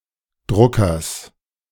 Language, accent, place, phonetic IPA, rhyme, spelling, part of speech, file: German, Germany, Berlin, [ˈdʁʊkɐs], -ʊkɐs, Druckers, noun, De-Druckers.ogg
- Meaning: genitive singular of Drucker